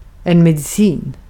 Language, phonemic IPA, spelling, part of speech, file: Swedish, /mɛdɪˈsiːn/, medicin, noun, Sv-medicin.ogg
- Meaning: 1. medicine (the art of curing illness) 2. a medicine, a drug